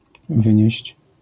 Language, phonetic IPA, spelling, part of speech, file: Polish, [ˈvɨ̃ɲɛ̇ɕt͡ɕ], wynieść, verb, LL-Q809 (pol)-wynieść.wav